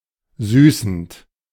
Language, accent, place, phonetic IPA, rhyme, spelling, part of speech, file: German, Germany, Berlin, [ˈzyːsn̩t], -yːsn̩t, süßend, verb, De-süßend.ogg
- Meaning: present participle of süßen